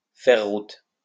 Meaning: to advance, move, travel
- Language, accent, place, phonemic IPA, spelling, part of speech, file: French, France, Lyon, /fɛʁ ʁut/, faire route, verb, LL-Q150 (fra)-faire route.wav